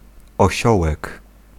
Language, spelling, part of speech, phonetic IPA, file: Polish, osiołek, noun, [ɔˈɕɔwɛk], Pl-osiołek.ogg